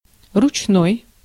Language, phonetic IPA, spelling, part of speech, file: Russian, [rʊt͡ɕˈnoj], ручной, adjective, Ru-ручной.ogg
- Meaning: 1. hand; manual 2. handmade 3. tame, domesticated